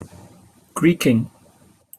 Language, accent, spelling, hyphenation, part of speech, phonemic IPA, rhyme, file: English, Received Pronunciation, greeking, greek‧ing, noun / verb, /ˈɡɹiːkɪŋ/, -iːkɪŋ, En-uk-greeking.opus
- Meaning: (noun) Nonsense text or graphics inserted into a document as a placeholder to create a dummy layout, or to demonstrate a type font; the practice of using such placeholder text or graphics